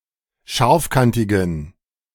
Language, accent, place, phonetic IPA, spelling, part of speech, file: German, Germany, Berlin, [ˈʃaʁfˌkantɪɡn̩], scharfkantigen, adjective, De-scharfkantigen.ogg
- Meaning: inflection of scharfkantig: 1. strong genitive masculine/neuter singular 2. weak/mixed genitive/dative all-gender singular 3. strong/weak/mixed accusative masculine singular 4. strong dative plural